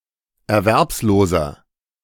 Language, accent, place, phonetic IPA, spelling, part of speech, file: German, Germany, Berlin, [ɛɐ̯ˈvɛʁpsˌloːzɐ], erwerbsloser, adjective, De-erwerbsloser.ogg
- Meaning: inflection of erwerbslos: 1. strong/mixed nominative masculine singular 2. strong genitive/dative feminine singular 3. strong genitive plural